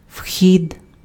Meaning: 1. entrance, entry (act of entering or going in) 2. entrance (place of entering, as a gate or doorway)
- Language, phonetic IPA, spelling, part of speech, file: Ukrainian, [ʍxʲid], вхід, noun, Uk-вхід.ogg